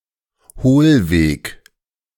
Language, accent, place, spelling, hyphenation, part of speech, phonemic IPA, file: German, Germany, Berlin, Hohlweg, Hohl‧weg, noun, /ˈhoːlˌveːk/, De-Hohlweg.ogg
- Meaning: holloway